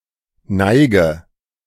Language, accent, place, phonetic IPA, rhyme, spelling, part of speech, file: German, Germany, Berlin, [ˈnaɪ̯ɡə], -aɪ̯ɡə, neige, verb, De-neige.ogg
- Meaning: inflection of neigen: 1. first-person singular present 2. singular imperative 3. first/third-person singular subjunctive I